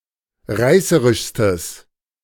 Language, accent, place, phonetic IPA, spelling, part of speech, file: German, Germany, Berlin, [ˈʁaɪ̯səʁɪʃstəs], reißerischstes, adjective, De-reißerischstes.ogg
- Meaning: strong/mixed nominative/accusative neuter singular superlative degree of reißerisch